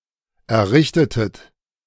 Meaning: inflection of errichten: 1. second-person plural preterite 2. second-person plural subjunctive II
- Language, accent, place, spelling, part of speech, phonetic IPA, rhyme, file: German, Germany, Berlin, errichtetet, verb, [ɛɐ̯ˈʁɪçtətət], -ɪçtətət, De-errichtetet.ogg